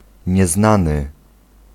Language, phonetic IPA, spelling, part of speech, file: Polish, [ɲɛˈznãnɨ], nieznany, adjective, Pl-nieznany.ogg